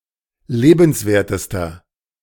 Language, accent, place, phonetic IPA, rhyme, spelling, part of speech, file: German, Germany, Berlin, [ˈleːbn̩sˌveːɐ̯təstɐ], -eːbn̩sveːɐ̯təstɐ, lebenswertester, adjective, De-lebenswertester.ogg
- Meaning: inflection of lebenswert: 1. strong/mixed nominative masculine singular superlative degree 2. strong genitive/dative feminine singular superlative degree 3. strong genitive plural superlative degree